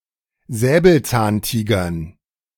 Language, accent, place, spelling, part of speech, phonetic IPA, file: German, Germany, Berlin, Säbelzahntigern, noun, [ˈzɛːbl̩t͡saːnˌtiːɡɐn], De-Säbelzahntigern.ogg
- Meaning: dative plural of Säbelzahntiger